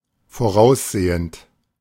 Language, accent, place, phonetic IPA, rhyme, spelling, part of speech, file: German, Germany, Berlin, [foˈʁaʊ̯sˌzeːənt], -aʊ̯szeːənt, voraussehend, adjective / verb, De-voraussehend.ogg
- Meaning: present participle of voraussehen